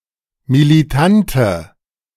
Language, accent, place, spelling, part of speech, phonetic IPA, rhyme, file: German, Germany, Berlin, militante, adjective, [miliˈtantə], -antə, De-militante.ogg
- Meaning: inflection of militant: 1. strong/mixed nominative/accusative feminine singular 2. strong nominative/accusative plural 3. weak nominative all-gender singular